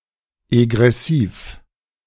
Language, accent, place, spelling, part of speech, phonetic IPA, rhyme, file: German, Germany, Berlin, egressiv, adjective, [eɡʁɛˈsiːf], -iːf, De-egressiv.ogg
- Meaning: egressive